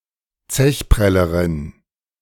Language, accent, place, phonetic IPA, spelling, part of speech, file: German, Germany, Berlin, [ˈt͡sɛçˌpʁɛləʁɪn], Zechprellerin, noun, De-Zechprellerin.ogg
- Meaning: female equivalent of Zechpreller